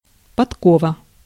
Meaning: 1. horseshoe 2. horseshoe vetch (Hippocrepis gen. et spp.)
- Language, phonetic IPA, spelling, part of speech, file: Russian, [pɐtˈkovə], подкова, noun, Ru-подкова.ogg